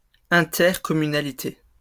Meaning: plural of intercommunalité
- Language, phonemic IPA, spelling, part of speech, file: French, /ɛ̃.tɛʁ.kɔ.my.na.li.te/, intercommunalités, noun, LL-Q150 (fra)-intercommunalités.wav